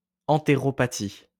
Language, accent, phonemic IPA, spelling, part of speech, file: French, France, /ɑ̃.te.ʁɔ.pa.ti/, entéropathie, noun, LL-Q150 (fra)-entéropathie.wav
- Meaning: enteropathy